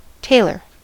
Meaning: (noun) 1. A person who makes, repairs, or alters clothes professionally, especially suits and men's clothing 2. Bluefish (Pomatomus saltatrix); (verb) To make, repair, or alter clothes
- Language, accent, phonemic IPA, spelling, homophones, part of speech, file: English, US, /ˈteɪlɚ/, tailor, tailer, noun / verb, En-us-tailor.ogg